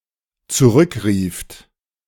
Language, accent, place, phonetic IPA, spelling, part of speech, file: German, Germany, Berlin, [t͡suˈʁʏkˌʁiːft], zurückrieft, verb, De-zurückrieft.ogg
- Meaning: second-person plural dependent preterite of zurückrufen